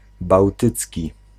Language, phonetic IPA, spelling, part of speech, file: Polish, [bawˈtɨt͡sʲci], bałtycki, adjective, Pl-bałtycki.ogg